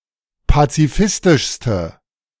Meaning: inflection of pazifistisch: 1. strong/mixed nominative/accusative feminine singular superlative degree 2. strong nominative/accusative plural superlative degree
- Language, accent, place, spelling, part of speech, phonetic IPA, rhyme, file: German, Germany, Berlin, pazifistischste, adjective, [pat͡siˈfɪstɪʃstə], -ɪstɪʃstə, De-pazifistischste.ogg